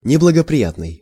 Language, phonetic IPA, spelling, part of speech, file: Russian, [nʲɪbɫəɡəprʲɪˈjatnɨj], неблагоприятный, adjective, Ru-неблагоприятный.ogg
- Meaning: 1. unfavorable, negative 2. inauspicious 3. adverse, ill